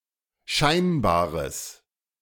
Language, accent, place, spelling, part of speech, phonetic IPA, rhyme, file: German, Germany, Berlin, scheinbares, adjective, [ˈʃaɪ̯nbaːʁəs], -aɪ̯nbaːʁəs, De-scheinbares.ogg
- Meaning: strong/mixed nominative/accusative neuter singular of scheinbar